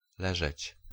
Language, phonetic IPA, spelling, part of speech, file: Polish, [ˈlɛʒɛt͡ɕ], leżeć, verb, Pl-leżeć.ogg